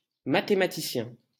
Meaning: mathematician
- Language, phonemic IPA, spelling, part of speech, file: French, /ma.te.ma.ti.sjɛ̃/, mathématicien, noun, LL-Q150 (fra)-mathématicien.wav